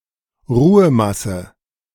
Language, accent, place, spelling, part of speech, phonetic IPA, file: German, Germany, Berlin, Ruhemasse, noun, [ˈʁuːəˌmasə], De-Ruhemasse.ogg
- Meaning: rest mass